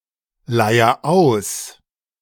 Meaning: inflection of ausleiern: 1. first-person singular present 2. singular imperative
- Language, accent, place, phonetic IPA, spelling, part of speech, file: German, Germany, Berlin, [ˌlaɪ̯ɐ ˈaʊ̯s], leier aus, verb, De-leier aus.ogg